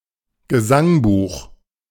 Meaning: 1. songbook 2. hymnbook; hymnal
- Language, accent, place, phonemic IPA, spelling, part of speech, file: German, Germany, Berlin, /ɡəˈzaŋˌbuːχ/, Gesangbuch, noun, De-Gesangbuch.ogg